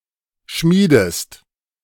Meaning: inflection of schmieden: 1. second-person singular present 2. second-person singular subjunctive I
- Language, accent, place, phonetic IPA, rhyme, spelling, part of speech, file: German, Germany, Berlin, [ˈʃmiːdəst], -iːdəst, schmiedest, verb, De-schmiedest.ogg